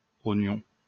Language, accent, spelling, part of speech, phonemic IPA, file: French, France, ognon, noun, /ɔ.ɲɔ̃/, LL-Q150 (fra)-ognon.wav
- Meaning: post-1990 spelling of oignon